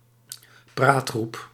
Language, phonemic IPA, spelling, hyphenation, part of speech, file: Dutch, /ˈpraːt.xrup/, praatgroep, praat‧groep, noun, Nl-praatgroep.ogg
- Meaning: discussion group, support group